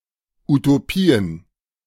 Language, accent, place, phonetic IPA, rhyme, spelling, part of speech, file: German, Germany, Berlin, [utoˈpiːən], -iːən, Utopien, noun, De-Utopien.ogg
- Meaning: plural of Utopie